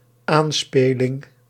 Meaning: synonym of toespeling
- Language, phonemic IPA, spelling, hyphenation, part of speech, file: Dutch, /ˈaːnˌspeːlɪŋ/, aanspeling, aan‧spe‧ling, noun, Nl-aanspeling.ogg